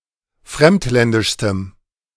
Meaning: strong dative masculine/neuter singular superlative degree of fremdländisch
- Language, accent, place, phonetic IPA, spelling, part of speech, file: German, Germany, Berlin, [ˈfʁɛmtˌlɛndɪʃstəm], fremdländischstem, adjective, De-fremdländischstem.ogg